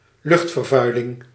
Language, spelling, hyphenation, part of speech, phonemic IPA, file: Dutch, luchtvervuiling, lucht‧ver‧vui‧ling, noun, /ˈlʏxt.fərˌvœy̯.lɪŋ/, Nl-luchtvervuiling.ogg
- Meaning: air pollution